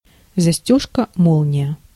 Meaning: zipper, zip fastener (a fastener used in clothing, bags)
- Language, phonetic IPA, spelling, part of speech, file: Russian, [zɐˈsʲtʲɵʂkə ˈmoɫnʲɪjə], застёжка-молния, noun, Ru-застёжка-молния.ogg